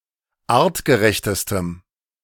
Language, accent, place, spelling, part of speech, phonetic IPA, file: German, Germany, Berlin, artgerechtestem, adjective, [ˈaːʁtɡəˌʁɛçtəstəm], De-artgerechtestem.ogg
- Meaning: strong dative masculine/neuter singular superlative degree of artgerecht